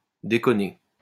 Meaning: 1. to pull out, "decunt" (remove one's penis from a vagina) 2. to talk rubbish, talk bollocks, kid, joke 3. to mess up, act up, malfunction
- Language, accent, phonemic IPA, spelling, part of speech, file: French, France, /de.kɔ.ne/, déconner, verb, LL-Q150 (fra)-déconner.wav